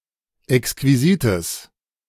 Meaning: strong/mixed nominative/accusative neuter singular of exquisit
- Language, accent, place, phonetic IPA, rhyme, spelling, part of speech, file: German, Germany, Berlin, [ɛkskviˈziːtəs], -iːtəs, exquisites, adjective, De-exquisites.ogg